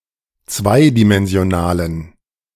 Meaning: inflection of zweidimensional: 1. strong genitive masculine/neuter singular 2. weak/mixed genitive/dative all-gender singular 3. strong/weak/mixed accusative masculine singular 4. strong dative plural
- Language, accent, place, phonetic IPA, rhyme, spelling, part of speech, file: German, Germany, Berlin, [ˈt͡svaɪ̯dimɛnzi̯oˌnaːlən], -aɪ̯dimɛnzi̯onaːlən, zweidimensionalen, adjective, De-zweidimensionalen.ogg